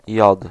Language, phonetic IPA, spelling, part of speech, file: Polish, [jɔt], jod, noun, Pl-jod.ogg